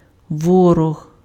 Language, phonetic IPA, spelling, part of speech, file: Ukrainian, [ˈwɔrɔɦ], ворог, noun, Uk-ворог.ogg
- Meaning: 1. enemy, foe 2. opponent, adversary